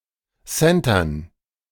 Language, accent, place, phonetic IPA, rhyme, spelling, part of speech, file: German, Germany, Berlin, [ˈsɛntɐn], -ɛntɐn, Centern, noun, De-Centern.ogg
- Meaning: dative plural of Center